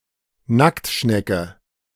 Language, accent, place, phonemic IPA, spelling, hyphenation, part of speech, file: German, Germany, Berlin, /ˈnaktˌʃnɛkə/, Nacktschnecke, Nackt‧schne‧cke, noun, De-Nacktschnecke.ogg
- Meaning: 1. slug (mollusk) 2. nudibranch